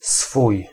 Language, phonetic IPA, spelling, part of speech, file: Polish, [sfuj], swój, pronoun, Pl-swój.ogg